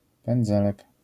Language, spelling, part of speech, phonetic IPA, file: Polish, pędzelek, noun, [pɛ̃nˈd͡zɛlɛk], LL-Q809 (pol)-pędzelek.wav